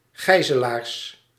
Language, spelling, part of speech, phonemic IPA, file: Dutch, gijzelaars, noun, /ˈɣɛizəlars/, Nl-gijzelaars.ogg
- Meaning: plural of gijzelaar